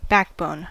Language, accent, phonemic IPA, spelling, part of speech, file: English, US, /ˈbækˌboʊn/, backbone, noun, En-us-backbone.ogg
- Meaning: The series of vertebrae, separated by disks, that encloses and protects the spinal cord, and runs down the middle of the back in vertebrate animals